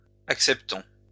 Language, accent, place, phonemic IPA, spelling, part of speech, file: French, France, Lyon, /ak.sɛp.tɔ̃/, acceptons, verb, LL-Q150 (fra)-acceptons.wav
- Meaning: inflection of accepter: 1. first-person plural present indicative 2. first-person plural imperative